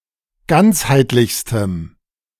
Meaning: strong dative masculine/neuter singular superlative degree of ganzheitlich
- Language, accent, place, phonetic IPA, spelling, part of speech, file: German, Germany, Berlin, [ˈɡant͡shaɪ̯tlɪçstəm], ganzheitlichstem, adjective, De-ganzheitlichstem.ogg